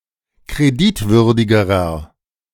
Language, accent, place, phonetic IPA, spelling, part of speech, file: German, Germany, Berlin, [kʁeˈdɪtˌvʏʁdɪɡəʁɐ], kreditwürdigerer, adjective, De-kreditwürdigerer.ogg
- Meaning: inflection of kreditwürdig: 1. strong/mixed nominative masculine singular comparative degree 2. strong genitive/dative feminine singular comparative degree 3. strong genitive plural comparative degree